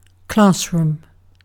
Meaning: A room, often in a school, where classes take place
- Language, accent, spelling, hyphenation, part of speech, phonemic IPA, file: English, UK, classroom, class‧room, noun, /ˈklɑːsɹʊm/, En-uk-classroom.ogg